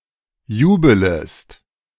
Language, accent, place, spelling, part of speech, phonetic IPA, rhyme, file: German, Germany, Berlin, jubelest, verb, [ˈjuːbələst], -uːbələst, De-jubelest.ogg
- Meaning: second-person singular subjunctive I of jubeln